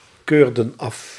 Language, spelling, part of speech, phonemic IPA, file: Dutch, keurden af, verb, /ˈkørdə(n) ˈɑf/, Nl-keurden af.ogg
- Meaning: inflection of afkeuren: 1. plural past indicative 2. plural past subjunctive